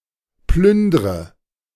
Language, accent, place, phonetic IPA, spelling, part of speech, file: German, Germany, Berlin, [ˈplʏndʁə], plündre, verb, De-plündre.ogg
- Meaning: inflection of plündern: 1. first-person singular present 2. first/third-person singular subjunctive I 3. singular imperative